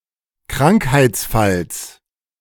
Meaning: genitive singular of Krankheitsfall
- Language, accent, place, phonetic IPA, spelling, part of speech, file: German, Germany, Berlin, [ˈkʁaŋkhaɪ̯t͡sˌfals], Krankheitsfalls, noun, De-Krankheitsfalls.ogg